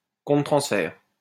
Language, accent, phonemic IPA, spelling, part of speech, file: French, France, /kɔ̃.tʁə.tʁɑ̃s.fɛʁ/, contre-transfert, noun, LL-Q150 (fra)-contre-transfert.wav
- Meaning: countertransference